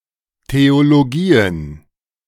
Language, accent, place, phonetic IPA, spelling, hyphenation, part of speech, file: German, Germany, Berlin, [teoloˈɡiːən], Theologien, Theo‧lo‧gi‧en, noun, De-Theologien.ogg
- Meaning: plural of Theologie